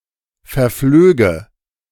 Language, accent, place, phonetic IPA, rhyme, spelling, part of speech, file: German, Germany, Berlin, [fɛɐ̯ˈfløːɡə], -øːɡə, verflöge, verb, De-verflöge.ogg
- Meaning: first/third-person singular subjunctive II of verfliegen